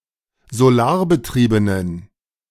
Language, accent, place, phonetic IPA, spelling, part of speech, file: German, Germany, Berlin, [zoˈlaːɐ̯bəˌtʁiːbənən], solarbetriebenen, adjective, De-solarbetriebenen.ogg
- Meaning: inflection of solarbetrieben: 1. strong genitive masculine/neuter singular 2. weak/mixed genitive/dative all-gender singular 3. strong/weak/mixed accusative masculine singular 4. strong dative plural